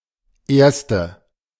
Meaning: 1. female equivalent of Erster: female winner 2. inflection of Erster: strong nominative/accusative plural 3. inflection of Erster: weak nominative singular
- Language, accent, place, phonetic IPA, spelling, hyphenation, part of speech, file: German, Germany, Berlin, [ˈʔeːɐ̯stə], Erste, Ers‧te, noun, De-Erste.ogg